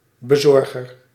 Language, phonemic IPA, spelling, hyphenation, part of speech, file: Dutch, /bəˈzɔr.ɣər/, bezorger, be‧zor‧ger, noun, Nl-bezorger.ogg
- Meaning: a deliverer, one who delivers items